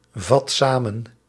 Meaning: inflection of samenvatten: 1. first/second/third-person singular present indicative 2. imperative
- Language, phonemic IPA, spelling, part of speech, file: Dutch, /ˈvɑt ˈsamə(n)/, vat samen, verb, Nl-vat samen.ogg